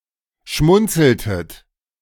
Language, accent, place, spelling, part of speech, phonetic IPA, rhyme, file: German, Germany, Berlin, schmunzeltet, verb, [ˈʃmʊnt͡sl̩tət], -ʊnt͡sl̩tət, De-schmunzeltet.ogg
- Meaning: inflection of schmunzeln: 1. second-person plural preterite 2. second-person plural subjunctive II